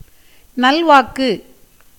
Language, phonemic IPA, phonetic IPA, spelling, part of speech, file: Tamil, /nɐlʋɑːkːɯ/, [nɐlʋäːkːɯ], நல்வாக்கு, noun, Ta-நல்வாக்கு.ogg
- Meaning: 1. good, auspicious word 2. blessing 3. word of entreaty